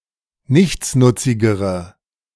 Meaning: inflection of nichtsnutzig: 1. strong/mixed nominative/accusative feminine singular comparative degree 2. strong nominative/accusative plural comparative degree
- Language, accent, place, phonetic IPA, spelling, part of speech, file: German, Germany, Berlin, [ˈnɪçt͡snʊt͡sɪɡəʁə], nichtsnutzigere, adjective, De-nichtsnutzigere.ogg